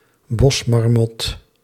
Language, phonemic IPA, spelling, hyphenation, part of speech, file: Dutch, /ˈbɔs.mɑrˌmɔt/, bosmarmot, bos‧mar‧mot, noun, Nl-bosmarmot.ogg
- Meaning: groundhog (Marmota monax)